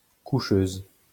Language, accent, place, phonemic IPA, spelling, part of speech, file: French, France, Lyon, /ku.ʃøz/, coucheuse, noun, LL-Q150 (fra)-coucheuse.wav
- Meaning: female equivalent of coucheur